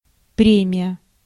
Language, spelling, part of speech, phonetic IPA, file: Russian, премия, noun, [ˈprʲemʲɪjə], Ru-премия.ogg
- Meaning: bonus, premium, prize, reward (something of value given in return for an act)